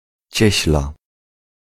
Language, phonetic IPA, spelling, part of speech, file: Polish, [ˈt͡ɕɛ̇ɕla], cieśla, noun, Pl-cieśla.ogg